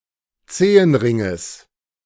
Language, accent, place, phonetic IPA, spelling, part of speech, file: German, Germany, Berlin, [ˈt͡seːənˌʁɪŋəs], Zehenringes, noun, De-Zehenringes.ogg
- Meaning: genitive singular of Zehenring